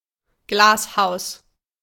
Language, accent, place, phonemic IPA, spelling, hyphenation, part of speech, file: German, Germany, Berlin, /ˈɡlaːsˌhaʊ̯s/, Glashaus, Glas‧haus, noun, De-Glashaus.ogg
- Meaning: glasshouse